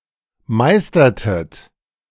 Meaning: inflection of meistern: 1. second-person plural preterite 2. second-person plural subjunctive II
- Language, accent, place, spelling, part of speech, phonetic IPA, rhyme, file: German, Germany, Berlin, meistertet, verb, [ˈmaɪ̯stɐtət], -aɪ̯stɐtət, De-meistertet.ogg